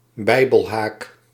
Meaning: square bracket
- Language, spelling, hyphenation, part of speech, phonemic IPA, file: Dutch, bijbelhaak, bij‧bel‧haak, noun, /ˈbɛi̯.bəlˌɦaːk/, Nl-bijbelhaak.ogg